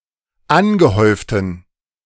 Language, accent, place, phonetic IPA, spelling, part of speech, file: German, Germany, Berlin, [ˈanɡəˌhɔɪ̯ftn̩], angehäuften, adjective, De-angehäuften.ogg
- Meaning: inflection of angehäuft: 1. strong genitive masculine/neuter singular 2. weak/mixed genitive/dative all-gender singular 3. strong/weak/mixed accusative masculine singular 4. strong dative plural